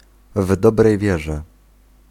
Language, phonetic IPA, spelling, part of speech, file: Polish, [ˈv‿dɔbrɛj ˈvʲjɛʒɛ], w dobrej wierze, phrase, Pl-w dobrej wierze.ogg